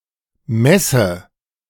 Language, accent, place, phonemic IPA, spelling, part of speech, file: German, Germany, Berlin, /ˈmɛsə/, messe, verb, De-messe.ogg
- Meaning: inflection of messen: 1. first-person singular present 2. first/third-person singular subjunctive I